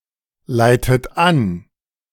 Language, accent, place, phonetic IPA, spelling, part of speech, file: German, Germany, Berlin, [ˌlaɪ̯tət ˈan], leitet an, verb, De-leitet an.ogg
- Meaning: inflection of anleiten: 1. second-person plural present 2. second-person plural subjunctive I 3. third-person singular present 4. plural imperative